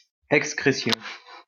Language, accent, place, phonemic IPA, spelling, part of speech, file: French, France, Lyon, /ɛk.skʁe.sjɔ̃/, excrétion, noun, LL-Q150 (fra)-excrétion.wav
- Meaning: excretion